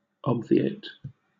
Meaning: 1. To anticipate and prevent or bypass (something which would otherwise have been necessary or required); to render (something) unnecessary 2. To avoid (a future problem or difficult situation)
- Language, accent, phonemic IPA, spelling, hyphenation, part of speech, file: English, Southern England, /ˈɒb.viˌeɪt/, obviate, ob‧vi‧ate, verb, LL-Q1860 (eng)-obviate.wav